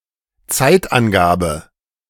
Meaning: 1. indication of time, time of day or season 2. adverbial of time
- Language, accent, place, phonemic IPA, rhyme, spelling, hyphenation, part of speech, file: German, Germany, Berlin, /ˈt͡saɪ̯tʔanˌɡaːbə/, -aːbə, Zeitangabe, Zeit‧an‧ga‧be, noun, De-Zeitangabe.ogg